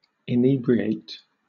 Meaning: 1. To cause to be drunk; to intoxicate 2. To disorder the senses of; to exhilarate, elate or stupefy as if by spirituous drink 3. To become drunk
- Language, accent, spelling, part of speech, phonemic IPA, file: English, Southern England, inebriate, verb, /ɪˈniːbɹieɪt/, LL-Q1860 (eng)-inebriate.wav